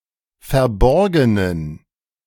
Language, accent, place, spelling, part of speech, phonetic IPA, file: German, Germany, Berlin, verborgenen, adjective, [fɛɐ̯ˈbɔʁɡənən], De-verborgenen.ogg
- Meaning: inflection of verborgen: 1. strong genitive masculine/neuter singular 2. weak/mixed genitive/dative all-gender singular 3. strong/weak/mixed accusative masculine singular 4. strong dative plural